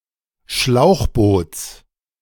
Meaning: genitive singular of Schlauchboot
- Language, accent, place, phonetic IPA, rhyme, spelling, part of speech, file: German, Germany, Berlin, [ˈʃlaʊ̯xˌboːt͡s], -aʊ̯xboːt͡s, Schlauchboots, noun, De-Schlauchboots.ogg